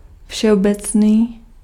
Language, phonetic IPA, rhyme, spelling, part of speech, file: Czech, [ˈfʃɛobɛt͡sniː], -ɛt͡sniː, všeobecný, adjective, Cs-všeobecný.ogg
- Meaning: general (involving every part or member, not specific or particular)